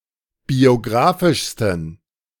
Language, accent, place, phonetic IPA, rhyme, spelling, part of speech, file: German, Germany, Berlin, [bioˈɡʁaːfɪʃstn̩], -aːfɪʃstn̩, biografischsten, adjective, De-biografischsten.ogg
- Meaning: 1. superlative degree of biografisch 2. inflection of biografisch: strong genitive masculine/neuter singular superlative degree